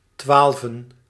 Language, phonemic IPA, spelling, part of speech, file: Dutch, /ˈtwalvə(n)/, twaalven, noun, Nl-twaalven.ogg
- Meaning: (numeral) dative plural of twaalf, still commonly used in the following contexts: 1. after met z'n: involving twelve people 2. after prepositions like na, om, voor: twelve o'clock